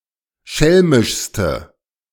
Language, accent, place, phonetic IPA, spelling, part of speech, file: German, Germany, Berlin, [ˈʃɛlmɪʃstə], schelmischste, adjective, De-schelmischste.ogg
- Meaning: inflection of schelmisch: 1. strong/mixed nominative/accusative feminine singular superlative degree 2. strong nominative/accusative plural superlative degree